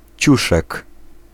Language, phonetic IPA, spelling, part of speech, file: Polish, [ˈt͡ɕuʃɛk], ciuszek, noun, Pl-ciuszek.ogg